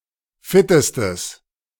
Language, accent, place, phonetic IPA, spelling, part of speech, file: German, Germany, Berlin, [ˈfɪtəstəs], fittestes, adjective, De-fittestes.ogg
- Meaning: strong/mixed nominative/accusative neuter singular superlative degree of fit